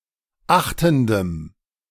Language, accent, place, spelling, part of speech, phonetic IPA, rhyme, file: German, Germany, Berlin, achtendem, adjective, [ˈaxtn̩dəm], -axtn̩dəm, De-achtendem.ogg
- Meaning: strong dative masculine/neuter singular of achtend